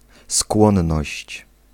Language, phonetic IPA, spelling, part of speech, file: Polish, [ˈskwɔ̃nːɔɕt͡ɕ], skłonność, noun, Pl-skłonność.ogg